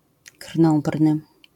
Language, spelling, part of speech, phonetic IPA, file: Polish, krnąbrny, adjective, [ˈkr̥nɔ̃mbrnɨ], LL-Q809 (pol)-krnąbrny.wav